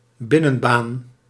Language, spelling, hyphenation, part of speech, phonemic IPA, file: Dutch, binnenbaan, bin‧nen‧baan, noun, /ˈbɪ.nə(n)ˌbaːn/, Nl-binnenbaan.ogg
- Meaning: 1. indoor court, indoor playing field 2. inner lane